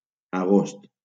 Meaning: 1. August 2. harvest time
- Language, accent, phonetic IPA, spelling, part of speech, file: Catalan, Valencia, [aˈɣost], agost, noun, LL-Q7026 (cat)-agost.wav